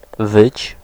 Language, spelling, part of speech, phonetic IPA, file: Polish, wyć, verb, [vɨt͡ɕ], Pl-wyć.ogg